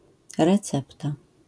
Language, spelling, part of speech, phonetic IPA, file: Polish, recepta, noun, [rɛˈt͡sɛpta], LL-Q809 (pol)-recepta.wav